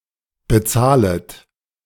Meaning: second-person plural subjunctive I of bezahlen
- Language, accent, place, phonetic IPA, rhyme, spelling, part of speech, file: German, Germany, Berlin, [bəˈt͡saːlət], -aːlət, bezahlet, verb, De-bezahlet.ogg